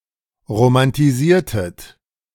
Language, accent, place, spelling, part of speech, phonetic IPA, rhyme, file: German, Germany, Berlin, romantisiertet, verb, [ʁomantiˈziːɐ̯tət], -iːɐ̯tət, De-romantisiertet.ogg
- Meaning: inflection of romantisieren: 1. second-person plural preterite 2. second-person plural subjunctive II